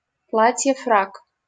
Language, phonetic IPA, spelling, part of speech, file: Russian, [frak], фрак, noun, LL-Q7737 (rus)-фрак.wav
- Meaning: tailcoat (formal evening jacket)